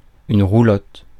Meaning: wagon, caravan, mobile home
- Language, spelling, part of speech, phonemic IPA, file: French, roulotte, noun, /ʁu.lɔt/, Fr-roulotte.ogg